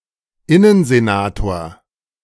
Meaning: minister of the interior (in the senate)
- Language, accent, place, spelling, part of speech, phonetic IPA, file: German, Germany, Berlin, Innensenator, noun, [ˈɪnənzeˌnaːtoːɐ̯], De-Innensenator.ogg